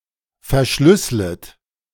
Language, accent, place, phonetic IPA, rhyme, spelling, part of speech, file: German, Germany, Berlin, [fɛɐ̯ˈʃlʏslət], -ʏslət, verschlüsslet, verb, De-verschlüsslet.ogg
- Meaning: second-person plural subjunctive I of verschlüsseln